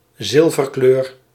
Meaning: silver (color/colour), a silvery colour
- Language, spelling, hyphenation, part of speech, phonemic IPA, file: Dutch, zilverkleur, zil‧ver‧kleur, noun, /ˈzɪl.vərˌkløːr/, Nl-zilverkleur.ogg